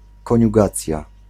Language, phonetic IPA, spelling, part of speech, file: Polish, [ˌkɔ̃ɲuˈɡat͡sʲja], koniugacja, noun, Pl-koniugacja.ogg